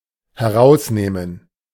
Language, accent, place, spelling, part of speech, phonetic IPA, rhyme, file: German, Germany, Berlin, herausnehmen, verb, [hɛˈʁaʊ̯sˌneːmən], -aʊ̯sneːmən, De-herausnehmen.ogg
- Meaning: 1. to take out something or someone (of something) 2. to remove 3. to take the liberty